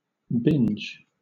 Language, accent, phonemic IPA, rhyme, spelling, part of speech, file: English, Southern England, /bɪnd͡ʒ/, -ɪndʒ, binge, noun / verb, LL-Q1860 (eng)-binge.wav
- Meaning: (noun) 1. A short period of excessive consumption, especially of food, alcohol, narcotics, etc 2. A compressed period of an activity done in excess, such as watching a television show